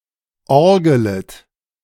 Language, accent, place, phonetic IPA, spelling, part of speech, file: German, Germany, Berlin, [ˈɔʁɡələt], orgelet, verb, De-orgelet.ogg
- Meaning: second-person plural subjunctive I of orgeln